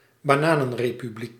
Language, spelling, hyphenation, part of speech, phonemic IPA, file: Dutch, bananenrepubliek, ba‧na‧nen‧re‧pu‧bliek, noun, /baːˈnaː.nə(n).reː.pyˌblik/, Nl-bananenrepubliek.ogg
- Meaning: banana republic